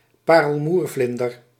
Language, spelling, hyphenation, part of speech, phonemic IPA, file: Dutch, parelmoervlinder, pa‧rel‧moer‧vlin‧der, noun, /ˈpaː.rəl.murˌvlɪn.dər/, Nl-parelmoervlinder.ogg
- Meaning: any of certain butterflies of the genus Argynnis (the fritillaries)